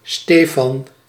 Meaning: a male given name, equivalent to English Stephen
- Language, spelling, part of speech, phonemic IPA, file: Dutch, Stefan, proper noun, /ˈsteːfɑn/, Nl-Stefan.ogg